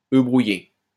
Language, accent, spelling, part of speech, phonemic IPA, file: French, France, œufs brouillés, noun, /ø bʁu.je/, LL-Q150 (fra)-œufs brouillés.wav
- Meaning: plural of œuf brouillé